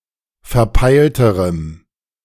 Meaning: strong dative masculine/neuter singular comparative degree of verpeilt
- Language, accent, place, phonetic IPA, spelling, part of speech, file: German, Germany, Berlin, [fɛɐ̯ˈpaɪ̯ltəʁəm], verpeilterem, adjective, De-verpeilterem.ogg